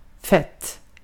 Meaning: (adjective) indefinite neuter singular of fet; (adverb) 1. adverbial form of adjective fet (“fat”) 2. a positive intensifier; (noun) fat
- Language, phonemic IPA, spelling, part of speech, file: Swedish, /fɛt/, fett, adjective / adverb / noun, Sv-fett.ogg